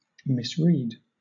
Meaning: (verb) To read wrongly; misconstrue; misinterpret; mistake the sense or significance of; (noun) An instance of reading wrongly
- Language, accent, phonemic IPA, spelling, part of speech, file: English, Southern England, /ˈmɪs.ɹiːd/, misread, verb / noun, LL-Q1860 (eng)-misread.wav